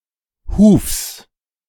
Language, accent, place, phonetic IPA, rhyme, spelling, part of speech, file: German, Germany, Berlin, [huːfs], -uːfs, Hufs, noun, De-Hufs.ogg
- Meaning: genitive singular of Huf